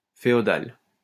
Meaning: feudal
- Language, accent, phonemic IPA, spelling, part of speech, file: French, France, /fe.ɔ.dal/, féodal, adjective, LL-Q150 (fra)-féodal.wav